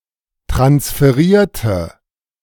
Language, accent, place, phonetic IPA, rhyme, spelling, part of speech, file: German, Germany, Berlin, [tʁansfəˈʁiːɐ̯tə], -iːɐ̯tə, transferierte, adjective / verb, De-transferierte.ogg
- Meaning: inflection of transferieren: 1. first/third-person singular preterite 2. first/third-person singular subjunctive II